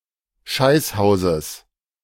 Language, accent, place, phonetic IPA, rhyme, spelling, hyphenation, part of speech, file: German, Germany, Berlin, [ˈʃaɪ̯sˌhaʊ̯zəs], -aɪ̯shaʊ̯zəs, Scheißhauses, Scheiß‧hau‧ses, noun, De-Scheißhauses.ogg
- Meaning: genitive singular of Scheißhaus